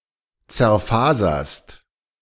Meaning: second-person singular present of zerfasern
- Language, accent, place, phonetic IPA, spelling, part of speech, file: German, Germany, Berlin, [t͡sɛɐ̯ˈfaːzɐst], zerfaserst, verb, De-zerfaserst.ogg